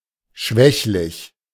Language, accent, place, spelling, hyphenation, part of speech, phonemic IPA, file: German, Germany, Berlin, schwächlich, schwäch‧lich, adjective, /ˈʃvɛçlɪç/, De-schwächlich.ogg
- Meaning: frail, sickly